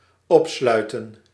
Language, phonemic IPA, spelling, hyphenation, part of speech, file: Dutch, /ˈɔpˌslœy̯.tə(n)/, opsluiten, op‧slui‧ten, verb, Nl-opsluiten.ogg
- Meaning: 1. to lock in 2. to lock up, imprison, incarcerate